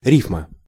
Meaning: rhyme (sameness of sound of part of some words)
- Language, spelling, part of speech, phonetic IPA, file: Russian, рифма, noun, [ˈrʲifmə], Ru-рифма.ogg